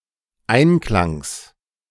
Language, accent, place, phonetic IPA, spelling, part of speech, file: German, Germany, Berlin, [ˈaɪ̯nˌklaŋs], Einklangs, noun, De-Einklangs.ogg
- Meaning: genitive singular of Einklang